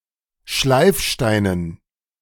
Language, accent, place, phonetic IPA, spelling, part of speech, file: German, Germany, Berlin, [ˈʃlaɪ̯fˌʃtaɪ̯nən], Schleifsteinen, noun, De-Schleifsteinen.ogg
- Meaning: dative plural of Schleifstein